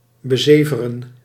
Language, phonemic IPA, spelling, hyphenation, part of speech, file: Dutch, /bəˈzeː.və.rə(n)/, bezeveren, be‧ze‧ve‧ren, verb, Nl-bezeveren.ogg
- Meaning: to drool on, to drivel on